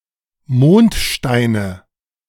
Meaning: nominative/accusative/genitive plural of Mondstein
- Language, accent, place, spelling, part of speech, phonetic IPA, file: German, Germany, Berlin, Mondsteine, noun, [ˈmoːntˌʃtaɪ̯nə], De-Mondsteine.ogg